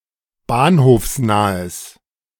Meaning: strong/mixed nominative/accusative neuter singular of bahnhofsnah
- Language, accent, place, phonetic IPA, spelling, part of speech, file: German, Germany, Berlin, [ˈbaːnhoːfsˌnaːəs], bahnhofsnahes, adjective, De-bahnhofsnahes.ogg